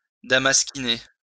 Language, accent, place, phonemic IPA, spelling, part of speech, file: French, France, Lyon, /da.mas.ki.ne/, damasquiner, verb, LL-Q150 (fra)-damasquiner.wav
- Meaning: to damascene